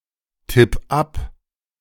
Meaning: 1. singular imperative of abtippen 2. first-person singular present of abtippen
- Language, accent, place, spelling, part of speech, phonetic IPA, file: German, Germany, Berlin, tipp ab, verb, [ˌtɪp ˈap], De-tipp ab.ogg